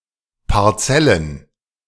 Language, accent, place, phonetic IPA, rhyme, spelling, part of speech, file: German, Germany, Berlin, [paʁˈt͡sɛlən], -ɛlən, Parzellen, noun, De-Parzellen.ogg
- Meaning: plural of Parzelle